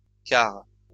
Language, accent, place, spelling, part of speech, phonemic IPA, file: French, France, Lyon, cars, noun, /kaʁ/, LL-Q150 (fra)-cars.wav
- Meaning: plural of car